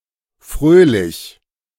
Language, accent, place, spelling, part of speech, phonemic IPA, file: German, Germany, Berlin, fröhlich, adjective, /ˈfʁøːlɪç/, De-fröhlich.ogg
- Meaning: merry; cheerful; either as a character trait or fleetingly